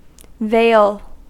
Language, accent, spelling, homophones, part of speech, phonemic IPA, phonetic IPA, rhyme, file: English, US, vale, veil / vail / Vail, noun, /veɪl/, [veɪɫ], -eɪl, En-us-vale.ogg
- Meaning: A valley